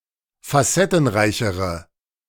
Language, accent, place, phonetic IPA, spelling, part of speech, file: German, Germany, Berlin, [faˈsɛtn̩ˌʁaɪ̯çəʁə], facettenreichere, adjective, De-facettenreichere.ogg
- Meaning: inflection of facettenreich: 1. strong/mixed nominative/accusative feminine singular comparative degree 2. strong nominative/accusative plural comparative degree